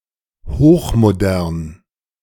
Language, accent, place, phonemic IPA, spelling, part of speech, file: German, Germany, Berlin, /ˌhoːχmoˈdɛʁn/, hochmodern, adjective, De-hochmodern.ogg
- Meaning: ultramodern